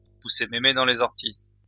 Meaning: to push things too far, to overdo it, to exaggerate
- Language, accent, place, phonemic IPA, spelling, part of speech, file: French, France, Lyon, /pu.se me.me dɑ̃ le.z‿ɔʁ.ti/, pousser mémé dans les orties, verb, LL-Q150 (fra)-pousser mémé dans les orties.wav